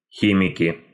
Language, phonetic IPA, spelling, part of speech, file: Russian, [ˈxʲimʲɪkʲɪ], химики, noun, Ru-химики.ogg
- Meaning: nominative plural of хи́мик (xímik)